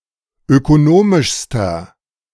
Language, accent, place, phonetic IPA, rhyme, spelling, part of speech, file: German, Germany, Berlin, [økoˈnoːmɪʃstɐ], -oːmɪʃstɐ, ökonomischster, adjective, De-ökonomischster.ogg
- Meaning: inflection of ökonomisch: 1. strong/mixed nominative masculine singular superlative degree 2. strong genitive/dative feminine singular superlative degree 3. strong genitive plural superlative degree